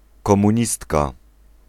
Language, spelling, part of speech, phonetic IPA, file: Polish, komunistka, noun, [ˌkɔ̃mũˈɲistka], Pl-komunistka.ogg